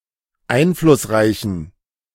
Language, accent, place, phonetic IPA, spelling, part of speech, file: German, Germany, Berlin, [ˈaɪ̯nflʊsˌʁaɪ̯çn̩], einflussreichen, adjective, De-einflussreichen.ogg
- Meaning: inflection of einflussreich: 1. strong genitive masculine/neuter singular 2. weak/mixed genitive/dative all-gender singular 3. strong/weak/mixed accusative masculine singular 4. strong dative plural